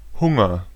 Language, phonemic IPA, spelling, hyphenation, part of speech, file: German, /ˈhʊŋɐ/, Hunger, Hun‧ger, noun, De-Hunger.ogg
- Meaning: hunger